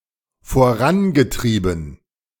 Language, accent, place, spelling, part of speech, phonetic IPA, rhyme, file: German, Germany, Berlin, vorangetrieben, verb, [foˈʁanɡəˌtʁiːbn̩], -anɡətʁiːbn̩, De-vorangetrieben.ogg
- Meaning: past participle of vorantreiben